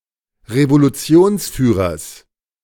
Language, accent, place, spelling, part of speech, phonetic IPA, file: German, Germany, Berlin, Revolutionsführers, noun, [ʁevoluˈt͡si̯oːnsˌfyːʁɐs], De-Revolutionsführers.ogg
- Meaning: genitive singular of Revolutionsführer